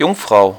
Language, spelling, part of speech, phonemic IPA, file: German, Jungfrau, noun, /ˈjʊŋˌfʁaʊ̯/, De-Jungfrau.ogg
- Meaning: 1. virgin (person, especially female, who has never had sexual intercourse) 2. maiden (young woman) 3. Virgo (a constellation and an astrological sign)